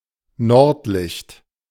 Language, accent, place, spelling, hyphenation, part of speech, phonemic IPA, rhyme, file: German, Germany, Berlin, Nordlicht, Nord‧licht, noun, /ˈnɔʁtˌlɪçt/, -ɪçt, De-Nordlicht.ogg
- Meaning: 1. northern lights 2. a person from Northern Germany